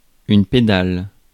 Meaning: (noun) 1. pedal (of bicycle, car etc.) 2. pedal (of piano, organ etc.) 3. queer, homo (homosexual man); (adjective) feminine singular of pédal
- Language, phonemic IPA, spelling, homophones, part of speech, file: French, /pe.dal/, pédale, pédal / pédales / pédalent, noun / adjective / verb, Fr-pédale.ogg